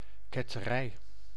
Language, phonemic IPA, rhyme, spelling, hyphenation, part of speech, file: Dutch, /ˌkɛ.təˈrɛi̯/, -ɛi̯, ketterij, ket‧te‧rij, noun, Nl-ketterij.ogg
- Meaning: heresy; dissension from religious dogma, or by extension from another (e.g. ideological or scientific) doctrine